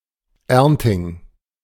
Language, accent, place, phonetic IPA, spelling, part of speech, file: German, Germany, Berlin, [ˈɛʁntɪŋ], Ernting, noun, De-Ernting.ogg
- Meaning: August